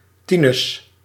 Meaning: a male given name
- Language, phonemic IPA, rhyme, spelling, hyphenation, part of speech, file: Dutch, /ˈti.nʏs/, -inʏs, Tinus, Ti‧nus, proper noun, Nl-Tinus.ogg